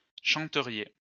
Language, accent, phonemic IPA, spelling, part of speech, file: French, France, /ʃɑ̃.tə.ʁje/, chanteriez, verb, LL-Q150 (fra)-chanteriez.wav
- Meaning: second-person plural conditional of chanter